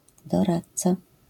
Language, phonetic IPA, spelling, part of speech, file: Polish, [dɔˈratt͡sa], doradca, noun, LL-Q809 (pol)-doradca.wav